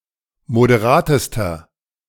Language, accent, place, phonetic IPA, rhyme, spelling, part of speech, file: German, Germany, Berlin, [modeˈʁaːtəstɐ], -aːtəstɐ, moderatester, adjective, De-moderatester.ogg
- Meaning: inflection of moderat: 1. strong/mixed nominative masculine singular superlative degree 2. strong genitive/dative feminine singular superlative degree 3. strong genitive plural superlative degree